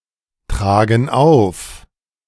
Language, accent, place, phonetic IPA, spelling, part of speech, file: German, Germany, Berlin, [ˌtʁaːɡn̩ ˈaʊ̯f], tragen auf, verb, De-tragen auf.ogg
- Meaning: inflection of auftragen: 1. first/third-person plural present 2. first/third-person plural subjunctive I